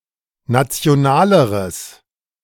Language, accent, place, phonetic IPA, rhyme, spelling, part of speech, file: German, Germany, Berlin, [ˌnat͡si̯oˈnaːləʁəs], -aːləʁəs, nationaleres, adjective, De-nationaleres.ogg
- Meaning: strong/mixed nominative/accusative neuter singular comparative degree of national